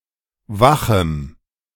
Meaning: strong dative masculine/neuter singular of wach
- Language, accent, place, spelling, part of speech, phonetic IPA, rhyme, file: German, Germany, Berlin, wachem, adjective, [ˈvaxm̩], -axm̩, De-wachem.ogg